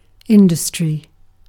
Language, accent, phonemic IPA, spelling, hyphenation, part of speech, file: English, UK, /ˈɪn.də.stɹi/, industry, in‧dus‧try, noun, En-uk-industry.ogg
- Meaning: 1. The tendency to work persistently 2. Businesses of the same type, considered as a whole; trade 3. Businesses that produce goods as opposed to services